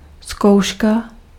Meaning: 1. examination, exam (education) 2. rehearsal 3. trial (testing out) 4. trial (difficult experience)
- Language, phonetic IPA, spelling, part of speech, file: Czech, [ˈskou̯ʃka], zkouška, noun, Cs-zkouška.ogg